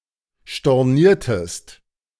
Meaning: inflection of stornieren: 1. second-person singular preterite 2. second-person singular subjunctive II
- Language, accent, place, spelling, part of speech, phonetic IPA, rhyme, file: German, Germany, Berlin, storniertest, verb, [ʃtɔʁˈniːɐ̯təst], -iːɐ̯təst, De-storniertest.ogg